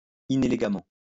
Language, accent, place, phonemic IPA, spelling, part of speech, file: French, France, Lyon, /i.ne.le.ɡa.mɑ̃/, inélégamment, adverb, LL-Q150 (fra)-inélégamment.wav
- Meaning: inelegantly (in a way that is not elegant)